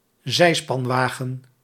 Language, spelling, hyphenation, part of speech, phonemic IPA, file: Dutch, zijspanwagen, zij‧span‧wa‧gen, noun, /ˈzɛi̯.spɑnˌʋaː.ɣə(n)/, Nl-zijspanwagen.ogg
- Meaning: sidecar